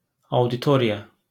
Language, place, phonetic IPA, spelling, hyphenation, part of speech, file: Azerbaijani, Baku, [ɑudiˈtoɾijɑ], auditoriya, au‧di‧to‧ri‧ya, noun, LL-Q9292 (aze)-auditoriya.wav
- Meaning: 1. auditorium 2. audience